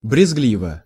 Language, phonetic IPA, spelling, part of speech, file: Russian, [brʲɪzˈɡlʲivə], брезгливо, adverb / adjective, Ru-брезгливо.ogg
- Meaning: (adverb) with disgust; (adjective) short neuter singular of брезгли́вый (brezglívyj)